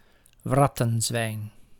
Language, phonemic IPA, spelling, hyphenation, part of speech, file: Dutch, /ˈvrɑ.tə(n)ˌzʋɛi̯n/, wrattenzwijn, wrat‧ten‧zwijn, noun, Nl-wrattenzwijn.ogg
- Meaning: warthog, certain warty swine from the genera Sus and Phacochoerus